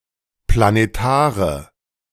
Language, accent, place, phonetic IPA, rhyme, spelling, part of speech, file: German, Germany, Berlin, [planeˈtaːʁə], -aːʁə, planetare, adjective, De-planetare.ogg
- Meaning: inflection of planetar: 1. strong/mixed nominative/accusative feminine singular 2. strong nominative/accusative plural 3. weak nominative all-gender singular